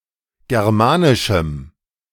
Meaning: strong dative masculine/neuter singular of germanisch
- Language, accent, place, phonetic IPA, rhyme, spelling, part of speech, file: German, Germany, Berlin, [ˌɡɛʁˈmaːnɪʃm̩], -aːnɪʃm̩, germanischem, adjective, De-germanischem.ogg